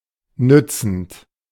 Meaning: present participle of nützen
- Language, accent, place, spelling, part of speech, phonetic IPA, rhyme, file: German, Germany, Berlin, nützend, verb, [ˈnʏt͡sn̩t], -ʏt͡sn̩t, De-nützend.ogg